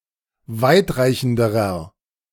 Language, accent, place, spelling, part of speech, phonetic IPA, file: German, Germany, Berlin, weitreichenderer, adjective, [ˈvaɪ̯tˌʁaɪ̯çn̩dəʁɐ], De-weitreichenderer.ogg
- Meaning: inflection of weitreichend: 1. strong/mixed nominative masculine singular comparative degree 2. strong genitive/dative feminine singular comparative degree 3. strong genitive plural comparative degree